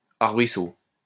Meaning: bush; shrub
- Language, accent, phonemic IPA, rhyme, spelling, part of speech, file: French, France, /aʁ.bʁi.so/, -so, arbrisseau, noun, LL-Q150 (fra)-arbrisseau.wav